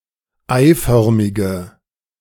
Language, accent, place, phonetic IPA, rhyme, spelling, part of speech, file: German, Germany, Berlin, [ˈaɪ̯ˌfœʁmɪɡə], -aɪ̯fœʁmɪɡə, eiförmige, adjective, De-eiförmige.ogg
- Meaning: inflection of eiförmig: 1. strong/mixed nominative/accusative feminine singular 2. strong nominative/accusative plural 3. weak nominative all-gender singular